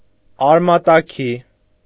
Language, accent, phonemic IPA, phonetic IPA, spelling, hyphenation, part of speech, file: Armenian, Eastern Armenian, /ɑɾmɑtɑˈkʰi/, [ɑɾmɑtɑkʰí], արմատաքի, ար‧մա‧տա‧քի, adverb, Hy-արմատաքի.ogg
- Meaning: 1. by the roots 2. radically, fundamentally